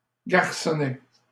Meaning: little boy
- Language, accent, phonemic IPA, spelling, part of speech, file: French, Canada, /ɡaʁ.sɔ.nɛ/, garçonnet, noun, LL-Q150 (fra)-garçonnet.wav